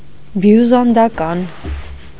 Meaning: Byzantine
- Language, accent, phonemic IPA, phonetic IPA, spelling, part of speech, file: Armenian, Eastern Armenian, /bjuzɑndɑˈkɑn/, [bjuzɑndɑkɑ́n], բյուզանդական, adjective, Hy-բյուզանդական.ogg